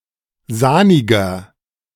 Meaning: 1. comparative degree of sahnig 2. inflection of sahnig: strong/mixed nominative masculine singular 3. inflection of sahnig: strong genitive/dative feminine singular
- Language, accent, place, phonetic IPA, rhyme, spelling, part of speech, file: German, Germany, Berlin, [ˈzaːnɪɡɐ], -aːnɪɡɐ, sahniger, adjective, De-sahniger.ogg